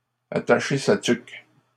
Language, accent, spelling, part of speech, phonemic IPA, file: French, Canada, attacher sa tuque, verb, /a.ta.ʃe sa tyk/, LL-Q150 (fra)-attacher sa tuque.wav
- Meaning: to brace oneself; to get ready; to hold onto one's hat